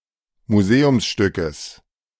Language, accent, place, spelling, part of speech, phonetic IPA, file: German, Germany, Berlin, Museumsstückes, noun, [muˈzeːʊmsˌʃtʏkəs], De-Museumsstückes.ogg
- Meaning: genitive singular of Museumsstück